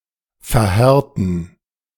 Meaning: to harden
- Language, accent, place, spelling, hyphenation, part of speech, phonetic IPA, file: German, Germany, Berlin, verhärten, ver‧här‧ten, verb, [fɛɐ̯ˈhɛʁtn̩], De-verhärten.ogg